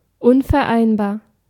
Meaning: incombinable, incompatible, inconsistent, irreconcilable
- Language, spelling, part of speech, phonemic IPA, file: German, unvereinbar, adjective, /ˈʊnfɛɐ̯ˌaɪ̯nbaːɐ̯/, De-unvereinbar.ogg